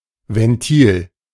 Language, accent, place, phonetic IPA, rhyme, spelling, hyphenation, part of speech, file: German, Germany, Berlin, [vɛnˈtiːl], -iːl, Ventil, Ven‧til, noun, De-Ventil.ogg
- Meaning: valve